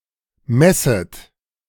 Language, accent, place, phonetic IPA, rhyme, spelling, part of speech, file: German, Germany, Berlin, [ˈmɛsət], -ɛsət, messet, verb, De-messet.ogg
- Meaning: second-person plural subjunctive I of messen